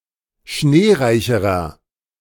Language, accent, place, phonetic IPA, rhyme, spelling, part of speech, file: German, Germany, Berlin, [ˈʃneːˌʁaɪ̯çəʁɐ], -eːʁaɪ̯çəʁɐ, schneereicherer, adjective, De-schneereicherer.ogg
- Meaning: inflection of schneereich: 1. strong/mixed nominative masculine singular comparative degree 2. strong genitive/dative feminine singular comparative degree 3. strong genitive plural comparative degree